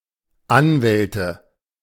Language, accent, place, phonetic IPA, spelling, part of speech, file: German, Germany, Berlin, [ˈanˌvɛltə], Anwälte, noun, De-Anwälte.ogg
- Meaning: nominative/accusative/genitive plural of Anwalt